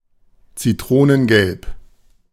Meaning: lemon-yellow
- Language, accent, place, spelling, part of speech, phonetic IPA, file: German, Germany, Berlin, zitronengelb, adjective, [t͡siˈtʁoːnənˌɡɛlp], De-zitronengelb.ogg